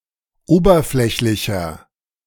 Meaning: 1. comparative degree of oberflächlich 2. inflection of oberflächlich: strong/mixed nominative masculine singular 3. inflection of oberflächlich: strong genitive/dative feminine singular
- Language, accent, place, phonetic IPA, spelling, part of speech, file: German, Germany, Berlin, [ˈoːbɐˌflɛçlɪçɐ], oberflächlicher, adjective, De-oberflächlicher.ogg